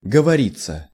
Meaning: 1. (expressing something to talk about) 2. passive of говори́ть (govorítʹ)
- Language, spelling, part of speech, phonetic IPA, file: Russian, говориться, verb, [ɡəvɐˈrʲit͡sːə], Ru-говориться.ogg